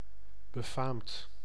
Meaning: famous, famed
- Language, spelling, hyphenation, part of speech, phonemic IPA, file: Dutch, befaamd, be‧faamd, adjective, /bəˈfaːmt/, Nl-befaamd.ogg